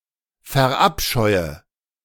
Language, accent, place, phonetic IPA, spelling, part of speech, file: German, Germany, Berlin, [fɛɐ̯ˈʔapʃɔɪ̯ə], verabscheue, verb, De-verabscheue.ogg
- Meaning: inflection of verabscheuen: 1. first-person singular present 2. first/third-person singular subjunctive I 3. singular imperative